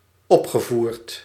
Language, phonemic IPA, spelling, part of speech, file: Dutch, /ˈɔpxəˌvurt/, opgevoerd, verb, Nl-opgevoerd.ogg
- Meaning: past participle of opvoeren